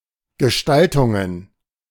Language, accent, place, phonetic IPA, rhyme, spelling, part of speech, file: German, Germany, Berlin, [ɡəˈʃtaltʊŋən], -altʊŋən, Gestaltungen, noun, De-Gestaltungen.ogg
- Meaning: plural of Gestaltung